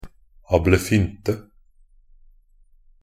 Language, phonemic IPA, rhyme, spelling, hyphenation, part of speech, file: Norwegian Bokmål, /abləˈfʏntə/, -ʏntə, ablefynte, ab‧le‧fyn‧te, noun, Nb-ablefynte.ogg
- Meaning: a prank or trick